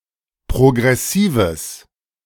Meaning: strong/mixed nominative/accusative neuter singular of progressiv
- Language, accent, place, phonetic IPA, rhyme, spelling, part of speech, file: German, Germany, Berlin, [pʁoɡʁɛˈsiːvəs], -iːvəs, progressives, adjective, De-progressives.ogg